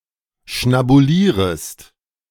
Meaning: second-person singular subjunctive I of schnabulieren
- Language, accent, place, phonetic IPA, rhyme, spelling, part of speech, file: German, Germany, Berlin, [ʃnabuˈliːʁəst], -iːʁəst, schnabulierest, verb, De-schnabulierest.ogg